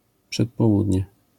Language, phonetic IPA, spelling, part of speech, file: Polish, [ˌpʃɛtpɔˈwudʲɲɛ], przedpołudnie, noun, LL-Q809 (pol)-przedpołudnie.wav